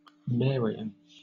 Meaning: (adjective) 1. Of or relating to the Virgin Mary 2. Of or relating to Mary I of England 3. Of or relating to Mary, Queen of Scots
- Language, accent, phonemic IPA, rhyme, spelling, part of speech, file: English, Southern England, /ˈmɛəɹiən/, -ɛəɹiən, Marian, adjective / noun, LL-Q1860 (eng)-Marian.wav